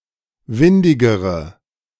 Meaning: inflection of windig: 1. strong/mixed nominative/accusative feminine singular comparative degree 2. strong nominative/accusative plural comparative degree
- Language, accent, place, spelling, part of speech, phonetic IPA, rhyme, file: German, Germany, Berlin, windigere, adjective, [ˈvɪndɪɡəʁə], -ɪndɪɡəʁə, De-windigere.ogg